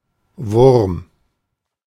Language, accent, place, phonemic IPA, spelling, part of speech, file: German, Germany, Berlin, /vʊrm/, Wurm, noun, De-Wurm.ogg
- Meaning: 1. worm 2. maggot, grub 3. any crawling animal, e.g. a reptile 4. dragon, lindworm, wyrm 5. a baby or small child; a mite; any helpless creature